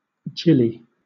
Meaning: A gill of an alcoholic drink
- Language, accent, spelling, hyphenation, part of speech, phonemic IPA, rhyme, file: English, Southern England, gillie, gil‧lie, noun, /ˈdʒɪli/, -ɪli, LL-Q1860 (eng)-gillie.wav